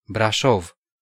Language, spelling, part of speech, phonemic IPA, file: Romanian, Brașov, proper noun, /braˈʃov/, Ro-Brașov.ogg
- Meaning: 1. Brașov (the capital city of Brașov County in Transylvania, in central Romania) 2. Brașov (a county in Transylvania, in central Romania)